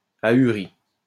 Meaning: feminine singular of ahuri
- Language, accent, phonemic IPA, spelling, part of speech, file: French, France, /a.y.ʁi/, ahurie, adjective, LL-Q150 (fra)-ahurie.wav